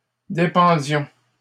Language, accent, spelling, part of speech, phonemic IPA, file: French, Canada, dépendions, verb, /de.pɑ̃.djɔ̃/, LL-Q150 (fra)-dépendions.wav
- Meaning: inflection of dépendre: 1. first-person plural imperfect indicative 2. first-person plural present subjunctive